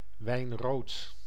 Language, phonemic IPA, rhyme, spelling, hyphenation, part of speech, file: Dutch, /ʋɛi̯nˈroːt/, -oːt, wijnrood, wijn‧rood, noun / adjective, Nl-wijnrood.ogg
- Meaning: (noun) the color of red wine; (adjective) having the color of red wine